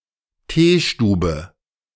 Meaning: tearoom
- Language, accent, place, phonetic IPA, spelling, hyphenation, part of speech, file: German, Germany, Berlin, [ˈteːˌʃtuːbə], Teestube, Tee‧stu‧be, noun, De-Teestube.ogg